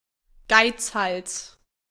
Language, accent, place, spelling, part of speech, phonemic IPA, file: German, Germany, Berlin, Geizhals, noun, /ˈɡaɪ̯t͡sˌhals/, De-Geizhals.ogg
- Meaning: miser, skinflint